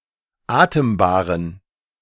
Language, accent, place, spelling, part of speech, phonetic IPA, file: German, Germany, Berlin, atembaren, adjective, [ˈaːtəmbaːʁən], De-atembaren.ogg
- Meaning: inflection of atembar: 1. strong genitive masculine/neuter singular 2. weak/mixed genitive/dative all-gender singular 3. strong/weak/mixed accusative masculine singular 4. strong dative plural